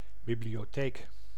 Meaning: library
- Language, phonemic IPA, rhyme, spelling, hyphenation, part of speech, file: Dutch, /ˌbi.bli.joːˈteːk/, -eːk, bibliotheek, bi‧blio‧theek, noun, Nl-bibliotheek.ogg